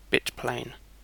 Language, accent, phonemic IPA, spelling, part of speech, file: English, UK, /ˈbɪt.pleɪn/, bitplane, noun, En-uk-bitplane.ogg
- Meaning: The set of bits stored at the same relative position in each byte and thus having comparable effects on the overall data, used for sound and image processing, etc